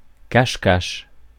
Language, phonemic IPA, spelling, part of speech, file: French, /kaʃ.kaʃ/, cache-cache, noun, Fr-cache-cache.ogg
- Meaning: hide and seek